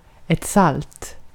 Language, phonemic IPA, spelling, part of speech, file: Swedish, /salt/, salt, adjective / noun, Sv-salt.ogg
- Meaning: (adjective) salty; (noun) salt: sodium chloride (NaCl), used extensively as a condiment and preservative